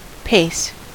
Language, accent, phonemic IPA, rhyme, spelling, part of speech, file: English, US, /peɪs/, -eɪs, pace, noun / adjective / verb, En-us-pace.ogg
- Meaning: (noun) A step.: 1. A step taken with the foot 2. The distance covered in a step (or sometimes two), either vaguely or according to various specific set measurements